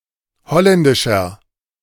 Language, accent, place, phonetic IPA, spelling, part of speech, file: German, Germany, Berlin, [ˈhɔlɛndɪʃɐ], holländischer, adjective, De-holländischer.ogg
- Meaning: inflection of holländisch: 1. strong/mixed nominative masculine singular 2. strong genitive/dative feminine singular 3. strong genitive plural